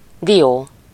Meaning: 1. walnut (either a nut or the wood of the walnut tree) 2. some (but not all) other nuts (see the Derived terms below)
- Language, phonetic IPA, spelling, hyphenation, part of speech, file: Hungarian, [ˈdijoː], dió, dió, noun, Hu-dió.ogg